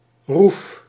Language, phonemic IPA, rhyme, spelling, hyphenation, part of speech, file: Dutch, /ruf/, -uf, roef, roef, noun, Nl-roef.ogg
- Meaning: 1. cabin (on a boat) 2. tapering lid of a coffin, with a triangular cross-section 3. triangular frame placed over a coffin or bier, on which a cloth is laid